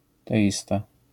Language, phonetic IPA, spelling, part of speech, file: Polish, [tɛˈʲista], teista, noun, LL-Q809 (pol)-teista.wav